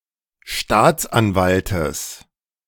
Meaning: genitive singular of Staatsanwalt
- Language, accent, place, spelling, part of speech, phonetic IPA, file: German, Germany, Berlin, Staatsanwaltes, noun, [ˈʃtaːt͡sʔanˌvaltəs], De-Staatsanwaltes.ogg